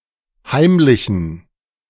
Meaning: inflection of heimlich: 1. strong genitive masculine/neuter singular 2. weak/mixed genitive/dative all-gender singular 3. strong/weak/mixed accusative masculine singular 4. strong dative plural
- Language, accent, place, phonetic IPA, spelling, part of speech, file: German, Germany, Berlin, [ˈhaɪ̯mlɪçn̩], heimlichen, adjective, De-heimlichen.ogg